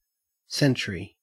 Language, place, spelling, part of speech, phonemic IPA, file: English, Queensland, century, noun, /ˈsen.(t)ʃ(ə)ɹi/, En-au-century.ogg